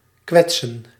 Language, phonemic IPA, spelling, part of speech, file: Dutch, /ˈkʋɛtsə(n)/, kwetsen, verb, Nl-kwetsen.ogg
- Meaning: 1. to offend, to insult 2. to wound, to injure 3. to hurt